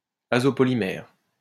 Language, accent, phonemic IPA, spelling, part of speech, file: French, France, /a.zɔ.pɔ.li.mɛʁ/, azopolymère, noun, LL-Q150 (fra)-azopolymère.wav
- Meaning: azopolymer